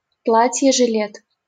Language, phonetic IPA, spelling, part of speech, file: Russian, [ʐɨˈlʲet], жилет, noun, LL-Q7737 (rus)-жилет.wav
- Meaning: vest, waistcoat